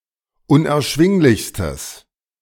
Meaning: strong/mixed nominative/accusative neuter singular superlative degree of unerschwinglich
- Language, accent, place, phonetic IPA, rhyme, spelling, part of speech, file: German, Germany, Berlin, [ʊnʔɛɐ̯ˈʃvɪŋlɪçstəs], -ɪŋlɪçstəs, unerschwinglichstes, adjective, De-unerschwinglichstes.ogg